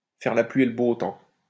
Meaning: to call the shots, to call the tune, to rule the roost (to be the one who makes the rules, to be the one who decides)
- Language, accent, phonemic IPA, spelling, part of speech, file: French, France, /fɛʁ la plɥi e l(ə) bo tɑ̃/, faire la pluie et le beau temps, verb, LL-Q150 (fra)-faire la pluie et le beau temps.wav